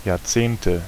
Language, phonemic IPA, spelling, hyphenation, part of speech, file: German, /jaːɐ̯ˈt͡seːntə/, Jahrzehnte, Jahr‧zehn‧te, noun, De-Jahrzehnte.ogg
- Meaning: nominative/accusative/genitive plural of Jahrzehnt "decades"